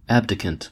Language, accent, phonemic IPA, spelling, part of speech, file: English, US, /ˈæb.dɪ.kn̩t/, abdicant, adjective / noun, En-us-abdicant.ogg
- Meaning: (adjective) Abdicating; renouncing; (noun) One who abdicates